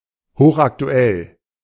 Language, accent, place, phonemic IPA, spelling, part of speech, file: German, Germany, Berlin, /ˈhoːχʔakˌtu̯ɛl/, hochaktuell, adjective, De-hochaktuell.ogg
- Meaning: very up-to-date